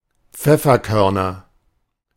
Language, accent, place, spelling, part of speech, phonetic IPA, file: German, Germany, Berlin, Pfefferkörner, noun, [ˈp͡fɛfɐˌkœʁnɐ], De-Pfefferkörner.ogg
- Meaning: nominative/accusative/genitive plural of Pfefferkorn